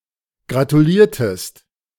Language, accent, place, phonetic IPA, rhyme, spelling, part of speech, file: German, Germany, Berlin, [ɡʁatuˈliːɐ̯təst], -iːɐ̯təst, gratuliertest, verb, De-gratuliertest.ogg
- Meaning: inflection of gratulieren: 1. second-person singular preterite 2. second-person singular subjunctive II